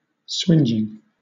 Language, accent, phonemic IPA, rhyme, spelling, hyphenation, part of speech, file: English, Southern England, /ˈswɪnd͡ʒɪŋ/, -ɪndʒɪŋ, swingeing, swinge‧ing, adjective / verb, LL-Q1860 (eng)-swingeing.wav
- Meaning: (adjective) 1. Huge, immense 2. Heavy; powerful; strong; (verb) present participle and gerund of swinge